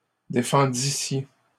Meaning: second-person plural imperfect subjunctive of défendre
- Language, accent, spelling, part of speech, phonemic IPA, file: French, Canada, défendissiez, verb, /de.fɑ̃.di.sje/, LL-Q150 (fra)-défendissiez.wav